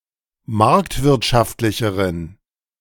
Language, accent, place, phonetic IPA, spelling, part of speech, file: German, Germany, Berlin, [ˈmaʁktvɪʁtʃaftlɪçəʁən], marktwirtschaftlicheren, adjective, De-marktwirtschaftlicheren.ogg
- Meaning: inflection of marktwirtschaftlich: 1. strong genitive masculine/neuter singular comparative degree 2. weak/mixed genitive/dative all-gender singular comparative degree